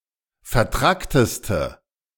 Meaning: inflection of vertrackt: 1. strong/mixed nominative/accusative feminine singular superlative degree 2. strong nominative/accusative plural superlative degree
- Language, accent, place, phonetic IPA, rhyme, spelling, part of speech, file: German, Germany, Berlin, [fɛɐ̯ˈtʁaktəstə], -aktəstə, vertrackteste, adjective, De-vertrackteste.ogg